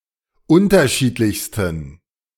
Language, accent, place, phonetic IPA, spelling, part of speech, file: German, Germany, Berlin, [ˈʊntɐˌʃiːtlɪçstn̩], unterschiedlichsten, adjective, De-unterschiedlichsten.ogg
- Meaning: 1. superlative degree of unterschiedlich 2. inflection of unterschiedlich: strong genitive masculine/neuter singular superlative degree